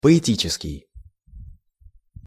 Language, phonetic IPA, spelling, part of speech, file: Russian, [pəɪˈtʲit͡ɕɪskʲɪj], поэтический, adjective, Ru-поэтический.ogg
- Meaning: poetic